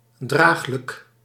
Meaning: alternative form of dragelijk
- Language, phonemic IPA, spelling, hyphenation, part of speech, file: Dutch, /ˈdraːx.lək/, draaglijk, draag‧lijk, adjective, Nl-draaglijk.ogg